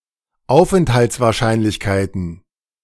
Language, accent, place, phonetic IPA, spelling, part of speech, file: German, Germany, Berlin, [ˈaʊ̯fʔɛnthalt͡svaːɐ̯ˌʃaɪ̯nlɪçkaɪ̯tn̩], Aufenthaltswahrscheinlichkeiten, noun, De-Aufenthaltswahrscheinlichkeiten.ogg
- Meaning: plural of Aufenthaltswahrscheinlichkeit